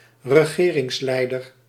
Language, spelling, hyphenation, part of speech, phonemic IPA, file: Dutch, regeringsleider, re‧ge‧rings‧lei‧der, noun, /rəˈɣeːrɪŋsˌlɛi̯dər/, Nl-regeringsleider.ogg
- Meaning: head of government